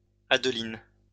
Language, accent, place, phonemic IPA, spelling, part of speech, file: French, France, Lyon, /ad.lin/, Adeline, proper noun, LL-Q150 (fra)-Adeline.wav
- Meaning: a diminutive of the female given name Adèle